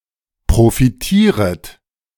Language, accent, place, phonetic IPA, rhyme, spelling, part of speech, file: German, Germany, Berlin, [pʁofiˈtiːʁət], -iːʁət, profitieret, verb, De-profitieret.ogg
- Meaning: second-person plural subjunctive I of profitieren